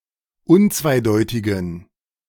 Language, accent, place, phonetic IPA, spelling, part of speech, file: German, Germany, Berlin, [ˈʊnt͡svaɪ̯ˌdɔɪ̯tɪɡn̩], unzweideutigen, adjective, De-unzweideutigen.ogg
- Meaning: inflection of unzweideutig: 1. strong genitive masculine/neuter singular 2. weak/mixed genitive/dative all-gender singular 3. strong/weak/mixed accusative masculine singular 4. strong dative plural